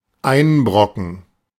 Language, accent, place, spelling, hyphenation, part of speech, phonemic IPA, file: German, Germany, Berlin, einbrocken, ein‧bro‧cken, verb, /ˈaɪ̯nˌbʁɔkn̩/, De-einbrocken.ogg
- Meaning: 1. to get someone into trouble 2. to put bread crumbs into (milk or soup)